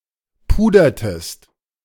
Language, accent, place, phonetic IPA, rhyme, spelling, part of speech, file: German, Germany, Berlin, [ˈpuːdɐtəst], -uːdɐtəst, pudertest, verb, De-pudertest.ogg
- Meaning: inflection of pudern: 1. second-person singular preterite 2. second-person singular subjunctive II